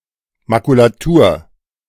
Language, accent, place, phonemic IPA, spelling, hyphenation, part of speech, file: German, Germany, Berlin, /makulaˈtuːr/, Makulatur, Ma‧ku‧la‧tur, noun, De-Makulatur.ogg
- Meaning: 1. spoilage, misprinted paper 2. synonym of Altpapier (“wastepaper, used paper”) 3. something irrelevant, meaningless, worthless